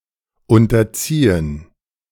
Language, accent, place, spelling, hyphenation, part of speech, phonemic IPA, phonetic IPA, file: German, Germany, Berlin, unterziehen, un‧ter‧zie‧hen, verb, /ˌʊntɐˈtsiːən/, [ˌʊntɐˈtsiːn], De-unterziehen.ogg
- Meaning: 1. to subject 2. to undergo 3. to fold in